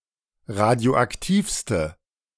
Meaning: inflection of radioaktiv: 1. strong/mixed nominative/accusative feminine singular superlative degree 2. strong nominative/accusative plural superlative degree
- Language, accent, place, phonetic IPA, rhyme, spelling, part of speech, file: German, Germany, Berlin, [ˌʁadi̯oʔakˈtiːfstə], -iːfstə, radioaktivste, adjective, De-radioaktivste.ogg